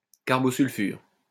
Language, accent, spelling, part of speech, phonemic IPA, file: French, France, carbosulfure, noun, /kaʁ.bɔ.syl.fyʁ/, LL-Q150 (fra)-carbosulfure.wav
- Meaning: carbosulfide